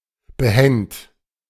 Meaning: alternative form of behände
- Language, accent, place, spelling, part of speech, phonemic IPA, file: German, Germany, Berlin, behänd, adjective, /bəˈhɛnt/, De-behänd.ogg